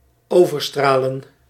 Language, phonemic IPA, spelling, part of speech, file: Dutch, /ˌoː.vərˈstraː.lə(n)/, overstralen, verb, Nl-overstralen.ogg
- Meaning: 1. to beam over 2. to outshine